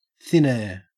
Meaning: An unknown location; (by extension) apparent disappearance or nonexistence
- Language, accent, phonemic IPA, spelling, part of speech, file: English, Australia, /ˌθɪn ˈɛə(ɹ)/, thin air, noun, En-au-thin air.ogg